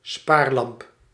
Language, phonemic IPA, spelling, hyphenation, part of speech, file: Dutch, /ˈsparlɑmp/, spaarlamp, spaar‧lamp, noun, Nl-spaarlamp.ogg
- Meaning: compact fluorescent lamp